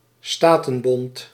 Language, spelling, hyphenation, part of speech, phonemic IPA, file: Dutch, statenbond, sta‧ten‧bond, noun, /ˈstaː.tənˌbɔnt/, Nl-statenbond.ogg
- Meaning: a political union or alliance of independent states or political organizations; a confederacy or confederation